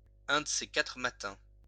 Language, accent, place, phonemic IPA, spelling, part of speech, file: French, France, Lyon, /œ̃ d(ə) se ka.tʁə ma.tɛ̃/, un de ces quatre matins, adverb, LL-Q150 (fra)-un de ces quatre matins.wav
- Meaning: one of these days, some day soon